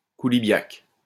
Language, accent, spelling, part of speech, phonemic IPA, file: French, France, koulibiac, noun, /ku.li.bjak/, LL-Q150 (fra)-koulibiac.wav
- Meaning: coulibiac